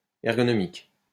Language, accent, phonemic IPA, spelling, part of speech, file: French, France, /ɛʁ.ɡɔ.nɔ.mik/, ergonomique, adjective, LL-Q150 (fra)-ergonomique.wav
- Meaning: ergonomic